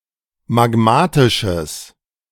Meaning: strong/mixed nominative/accusative neuter singular of magmatisch
- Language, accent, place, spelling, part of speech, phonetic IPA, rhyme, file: German, Germany, Berlin, magmatisches, adjective, [maˈɡmaːtɪʃəs], -aːtɪʃəs, De-magmatisches.ogg